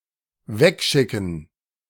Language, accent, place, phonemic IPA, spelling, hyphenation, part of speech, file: German, Germany, Berlin, /ˈvɛkˌʃɪkn̩/, wegschicken, weg‧schi‧cken, verb, De-wegschicken.ogg
- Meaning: to send away